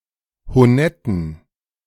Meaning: inflection of honett: 1. strong genitive masculine/neuter singular 2. weak/mixed genitive/dative all-gender singular 3. strong/weak/mixed accusative masculine singular 4. strong dative plural
- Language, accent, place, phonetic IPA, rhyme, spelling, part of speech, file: German, Germany, Berlin, [hoˈnɛtn̩], -ɛtn̩, honetten, adjective, De-honetten.ogg